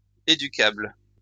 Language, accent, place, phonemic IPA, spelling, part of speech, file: French, France, Lyon, /e.dy.kabl/, éducable, adjective, LL-Q150 (fra)-éducable.wav
- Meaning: educable (capable of being educated)